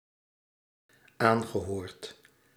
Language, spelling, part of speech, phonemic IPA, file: Dutch, aangehoord, verb, /ˈaŋɣəˌhort/, Nl-aangehoord.ogg
- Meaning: past participle of aanhoren